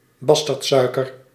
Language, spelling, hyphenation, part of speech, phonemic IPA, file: Dutch, basterdsuiker, bas‧terd‧sui‧ker, noun, /ˈbɑs.tərtˌsœy̯.kər/, Nl-basterdsuiker.ogg
- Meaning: brown sugar, muscovado